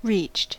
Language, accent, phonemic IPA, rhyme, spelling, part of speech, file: English, US, /ɹiːt͡ʃt/, -iːtʃt, reached, verb, En-us-reached.ogg
- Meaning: simple past and past participle of reach